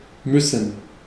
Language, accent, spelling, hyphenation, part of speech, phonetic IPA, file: German, Germany, müssen, müs‧sen, verb, [ˈmʏsn̩], De-müssen.ogg
- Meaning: 1. to have to (do something); must; to be obliged (to do something); to need (to do something) 2. to have to do something implied; must; to be obliged 3. to need to go to the bathroom